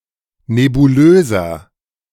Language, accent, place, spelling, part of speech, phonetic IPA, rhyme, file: German, Germany, Berlin, nebulöser, adjective, [nebuˈløːzɐ], -øːzɐ, De-nebulöser.ogg
- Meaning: 1. comparative degree of nebulös 2. inflection of nebulös: strong/mixed nominative masculine singular 3. inflection of nebulös: strong genitive/dative feminine singular